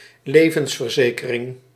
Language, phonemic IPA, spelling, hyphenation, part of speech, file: Dutch, /ˈleː.və(n)s.vərˌzeː.kə.rɪŋ/, levensverzekering, le‧vens‧ver‧ze‧ke‧ring, noun, Nl-levensverzekering.ogg
- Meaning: life insurance